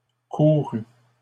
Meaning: feminine plural of couru
- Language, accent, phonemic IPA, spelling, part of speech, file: French, Canada, /ku.ʁy/, courues, verb, LL-Q150 (fra)-courues.wav